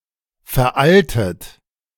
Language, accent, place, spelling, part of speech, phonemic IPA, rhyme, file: German, Germany, Berlin, veraltet, verb / adjective, /fɛɐ̯ˈʔaltət/, -altət, De-veraltet.ogg
- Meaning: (verb) past participle of veralten; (adjective) 1. antiquated 2. archaic; obsolete 3. corny 4. dated 5. deprecated 6. legacy 7. outdated, out-dated; out of date, out-of-date 8. outmoded 9. out of use